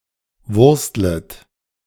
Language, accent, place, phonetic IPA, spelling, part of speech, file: German, Germany, Berlin, [ˈvʊʁstlət], wurstlet, verb, De-wurstlet.ogg
- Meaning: second-person plural subjunctive I of wursteln